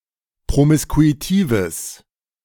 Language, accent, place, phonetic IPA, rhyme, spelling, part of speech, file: German, Germany, Berlin, [pʁomɪskuiˈtiːvəs], -iːvəs, promiskuitives, adjective, De-promiskuitives.ogg
- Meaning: strong/mixed nominative/accusative neuter singular of promiskuitiv